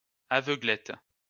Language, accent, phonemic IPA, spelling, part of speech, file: French, France, /a.vœ.ɡlɛt/, aveuglette, noun, LL-Q150 (fra)-aveuglette.wav
- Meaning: blindness